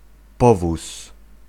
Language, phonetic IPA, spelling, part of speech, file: Polish, [ˈpɔvus], powóz, noun, Pl-powóz.ogg